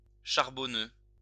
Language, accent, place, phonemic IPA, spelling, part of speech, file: French, France, Lyon, /ʃaʁ.bɔ.nø/, charbonneux, adjective, LL-Q150 (fra)-charbonneux.wav
- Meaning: 1. carbonaceous 2. charcoal gray (in colour)